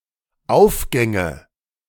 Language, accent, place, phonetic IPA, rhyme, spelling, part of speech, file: German, Germany, Berlin, [ˈaʊ̯fˌɡɛŋə], -aʊ̯fɡɛŋə, Aufgänge, noun, De-Aufgänge.ogg
- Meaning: nominative/accusative/genitive plural of Aufgang